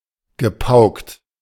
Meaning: past participle of pauken
- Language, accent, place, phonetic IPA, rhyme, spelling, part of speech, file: German, Germany, Berlin, [ɡəˈpaʊ̯kt], -aʊ̯kt, gepaukt, verb, De-gepaukt.ogg